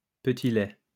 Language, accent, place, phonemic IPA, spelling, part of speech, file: French, France, Lyon, /pə.ti.lɛ/, petit-lait, noun, LL-Q150 (fra)-petit-lait.wav
- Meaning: whey